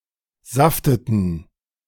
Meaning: inflection of saften: 1. first/third-person plural preterite 2. first/third-person plural subjunctive II
- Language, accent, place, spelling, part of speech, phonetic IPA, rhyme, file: German, Germany, Berlin, safteten, verb, [ˈzaftətn̩], -aftətn̩, De-safteten.ogg